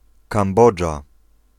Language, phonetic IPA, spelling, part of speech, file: Polish, [kãmˈbɔd͡ʒa], Kambodża, proper noun, Pl-Kambodża.ogg